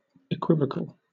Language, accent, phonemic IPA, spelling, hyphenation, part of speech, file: English, Southern England, /əˈkwɪvəkəl/, equivocal, equivo‧cal, adjective / noun, LL-Q1860 (eng)-equivocal.wav
- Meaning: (adjective) Having two or more equally applicable meanings; capable of double or multiple interpretation